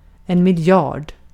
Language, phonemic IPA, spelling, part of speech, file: Swedish, /mɪlˈjɑːrd/, miljard, numeral, Sv-miljard.ogg
- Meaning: A thousand million, 10⁹ (in the short scale, a billion), a milliard